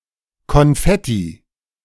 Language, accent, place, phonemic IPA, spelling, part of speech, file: German, Germany, Berlin, /kɔnˈfɛti/, Konfetti, noun, De-Konfetti.ogg
- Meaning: confetti